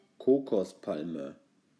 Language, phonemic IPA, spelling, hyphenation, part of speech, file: German, /ˈkoːkɔsˌpalmə/, Kokospalme, Ko‧kos‧pal‧me, noun, De-Kokospalme.ogg
- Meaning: coconut (coconut palm)